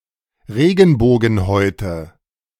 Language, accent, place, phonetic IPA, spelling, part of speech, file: German, Germany, Berlin, [ˈʁeːɡn̩boːɡn̩ˌhɔɪ̯tə], Regenbogenhäute, noun, De-Regenbogenhäute.ogg
- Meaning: nominative/accusative/genitive plural of Regenbogenhaut